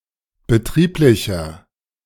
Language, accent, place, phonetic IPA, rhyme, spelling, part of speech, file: German, Germany, Berlin, [bəˈtʁiːplɪçɐ], -iːplɪçɐ, betrieblicher, adjective, De-betrieblicher.ogg
- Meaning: inflection of betrieblich: 1. strong/mixed nominative masculine singular 2. strong genitive/dative feminine singular 3. strong genitive plural